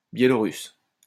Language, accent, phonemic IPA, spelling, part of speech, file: French, France, /bje.lɔ.ʁys/, Biélorusse, noun, LL-Q150 (fra)-Biélorusse.wav
- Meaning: Belarusian (resident or native of Belarus)